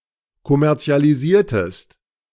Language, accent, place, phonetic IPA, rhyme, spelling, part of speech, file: German, Germany, Berlin, [kɔmɛʁt͡si̯aliˈziːɐ̯təst], -iːɐ̯təst, kommerzialisiertest, verb, De-kommerzialisiertest.ogg
- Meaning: inflection of kommerzialisieren: 1. second-person singular preterite 2. second-person singular subjunctive II